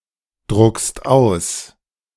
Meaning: second-person singular present of ausdrucken
- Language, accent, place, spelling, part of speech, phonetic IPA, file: German, Germany, Berlin, druckst aus, verb, [ˌdʁʊkst ˈaʊ̯s], De-druckst aus.ogg